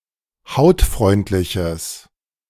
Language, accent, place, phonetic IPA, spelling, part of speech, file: German, Germany, Berlin, [ˈhaʊ̯tˌfʁɔɪ̯ntlɪçəs], hautfreundliches, adjective, De-hautfreundliches.ogg
- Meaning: strong/mixed nominative/accusative neuter singular of hautfreundlich